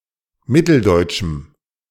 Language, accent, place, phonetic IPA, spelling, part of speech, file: German, Germany, Berlin, [ˈmɪtl̩ˌdɔɪ̯tʃm̩], mitteldeutschem, adjective, De-mitteldeutschem.ogg
- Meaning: strong dative masculine/neuter singular of mitteldeutsch